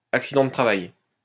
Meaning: work accident, work-related accident, workplace accident, occupational accident, industrial accident
- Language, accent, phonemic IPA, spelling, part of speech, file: French, France, /ak.si.dɑ̃ də tʁa.vaj/, accident de travail, noun, LL-Q150 (fra)-accident de travail.wav